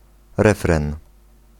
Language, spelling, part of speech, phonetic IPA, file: Polish, refren, noun, [ˈrɛfrɛ̃n], Pl-refren.ogg